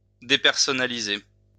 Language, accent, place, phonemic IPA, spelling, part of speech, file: French, France, Lyon, /de.pɛʁ.sɔ.na.li.ze/, dépersonnaliser, verb, LL-Q150 (fra)-dépersonnaliser.wav
- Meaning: to depersonalise